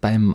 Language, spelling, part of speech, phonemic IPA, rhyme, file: German, beim, contraction, /baɪ̯m/, -aɪ̯m, De-beim.ogg
- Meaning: contraction of bei + dem: at the, by the, etc